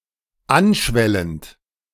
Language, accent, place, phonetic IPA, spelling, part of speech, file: German, Germany, Berlin, [ˈanˌʃvɛlənt], anschwellend, verb, De-anschwellend.ogg
- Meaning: present participle of anschwellen